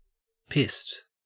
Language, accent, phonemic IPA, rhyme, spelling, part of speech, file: English, Australia, /pɪst/, -ɪst, pissed, verb / adjective, En-au-pissed.ogg
- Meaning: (verb) simple past and past participle of piss; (adjective) 1. Drunk 2. Annoyed, angry